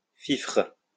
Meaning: fife
- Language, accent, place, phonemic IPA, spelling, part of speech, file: French, France, Lyon, /fifʁ/, fifre, noun, LL-Q150 (fra)-fifre.wav